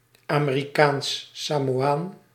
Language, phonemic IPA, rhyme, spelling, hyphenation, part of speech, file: Dutch, /ˌaː.meː.riˌkaːns.saː.moːˈaːn/, -aːn, Amerikaans-Samoaan, Ame‧ri‧kaans-‧Sa‧mo‧aan, noun, Nl-Amerikaans-Samoaan.ogg
- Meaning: an American Samoan